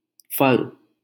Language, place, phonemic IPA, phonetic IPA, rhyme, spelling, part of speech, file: Hindi, Delhi, /pʰəl/, [pʰɐl], -əl, फल, noun, LL-Q1568 (hin)-फल.wav
- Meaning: 1. fruit 2. result, outcome